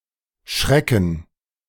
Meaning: 1. to frighten, to scare 2. to intimidate or discourage, to deter 3. to bark (said of roe deer) 4. to wake or become alert with a start or scare (as from sleep or from being deep in thought)
- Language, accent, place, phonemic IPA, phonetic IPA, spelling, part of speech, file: German, Germany, Berlin, /ˈʃʁɛkən/, [ˈʃʁɛkŋ̍], schrecken, verb, De-schrecken.ogg